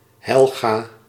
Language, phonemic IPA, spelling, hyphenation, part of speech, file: Dutch, /ˈɦɛl.ɣaː/, Helga, Hel‧ga, proper noun, Nl-Helga.ogg
- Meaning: a female given name